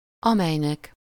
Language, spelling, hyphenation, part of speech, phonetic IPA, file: Hungarian, amelynek, amely‧nek, pronoun, [ˈɒmɛjnɛk], Hu-amelynek.ogg
- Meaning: dative singular of amely